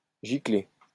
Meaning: 1. to squirt, to spurt 2. to ejaculate, to cum
- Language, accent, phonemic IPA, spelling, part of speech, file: French, France, /ʒi.kle/, gicler, verb, LL-Q150 (fra)-gicler.wav